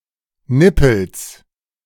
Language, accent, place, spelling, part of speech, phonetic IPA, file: German, Germany, Berlin, Nippels, noun, [ˈnɪpəls], De-Nippels.ogg
- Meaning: genitive singular of Nippel